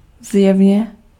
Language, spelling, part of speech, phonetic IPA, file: Czech, zjevně, adverb, [ˈzjɛvɲɛ], Cs-zjevně.ogg
- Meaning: apparently, evidently, obviously